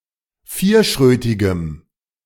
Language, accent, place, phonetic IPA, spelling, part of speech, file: German, Germany, Berlin, [ˈfiːɐ̯ˌʃʁøːtɪɡəm], vierschrötigem, adjective, De-vierschrötigem.ogg
- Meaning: strong dative masculine/neuter singular of vierschrötig